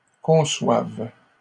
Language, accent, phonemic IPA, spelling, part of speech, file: French, Canada, /kɔ̃.swav/, conçoives, verb, LL-Q150 (fra)-conçoives.wav
- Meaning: second-person singular present subjunctive of concevoir